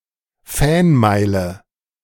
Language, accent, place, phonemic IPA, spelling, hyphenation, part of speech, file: German, Germany, Berlin, /ˈfɛnˌmaɪ̯lə/, Fanmeile, Fan‧mei‧le, noun, De-Fanmeile.ogg
- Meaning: an area specially designated for football (soccer) fans, especially of a specified team